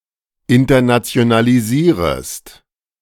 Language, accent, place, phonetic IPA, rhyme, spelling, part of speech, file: German, Germany, Berlin, [ɪntɐnat͡si̯onaliˈziːʁəst], -iːʁəst, internationalisierest, verb, De-internationalisierest.ogg
- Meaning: second-person singular subjunctive I of internationalisieren